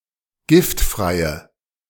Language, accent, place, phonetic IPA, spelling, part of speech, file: German, Germany, Berlin, [ˈɡɪftˌfʁaɪ̯ə], giftfreie, adjective, De-giftfreie.ogg
- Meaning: inflection of giftfrei: 1. strong/mixed nominative/accusative feminine singular 2. strong nominative/accusative plural 3. weak nominative all-gender singular